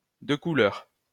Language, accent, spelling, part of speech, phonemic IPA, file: French, France, de couleur, adjective, /də ku.lœʁ/, LL-Q150 (fra)-de couleur.wav
- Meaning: of color, colored (of skin color other than white)